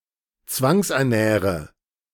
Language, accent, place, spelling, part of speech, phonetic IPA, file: German, Germany, Berlin, zwangsernähre, verb, [ˈt͡svaŋsʔɛɐ̯ˌnɛːʁə], De-zwangsernähre.ogg
- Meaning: inflection of zwangsernähren: 1. first-person singular present 2. first/third-person singular subjunctive I 3. singular imperative